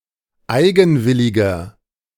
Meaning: 1. comparative degree of eigenwillig 2. inflection of eigenwillig: strong/mixed nominative masculine singular 3. inflection of eigenwillig: strong genitive/dative feminine singular
- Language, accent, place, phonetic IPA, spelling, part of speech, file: German, Germany, Berlin, [ˈaɪ̯ɡn̩ˌvɪlɪɡɐ], eigenwilliger, adjective, De-eigenwilliger.ogg